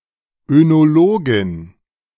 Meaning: female equivalent of Önologe (“enologist”)
- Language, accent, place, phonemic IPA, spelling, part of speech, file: German, Germany, Berlin, /ønoˈloːɡɪn/, Önologin, noun, De-Önologin.ogg